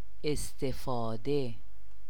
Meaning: use
- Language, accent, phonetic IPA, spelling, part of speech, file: Persian, Iran, [ʔes.t̪ʰe.fɒː.d̪é], استفاده, noun, Fa-استفاده.ogg